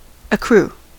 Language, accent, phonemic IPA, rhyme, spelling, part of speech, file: English, US, /əˈkɹu/, -uː, accrue, verb / noun, En-us-accrue.ogg
- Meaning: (verb) 1. To increase, to rise 2. To reach or come to by way of increase; to arise or spring up because of growth or result, especially as the produce of money lent